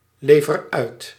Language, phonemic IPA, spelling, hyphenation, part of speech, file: Dutch, /ˌleː.vər ˈœy̯t/, lever uit, le‧ver uit, verb, Nl-lever uit.ogg
- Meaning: inflection of uitleveren: 1. first-person singular present indicative 2. second-person singular present indicative 3. imperative